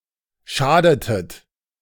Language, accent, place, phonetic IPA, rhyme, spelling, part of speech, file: German, Germany, Berlin, [ˈʃaːdətət], -aːdətət, schadetet, verb, De-schadetet.ogg
- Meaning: inflection of schaden: 1. second-person plural preterite 2. second-person plural subjunctive II